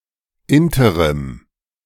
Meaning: interim
- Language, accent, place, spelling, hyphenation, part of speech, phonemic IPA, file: German, Germany, Berlin, Interim, In‧te‧rim, noun, /ˈɪntəʁɪm/, De-Interim.ogg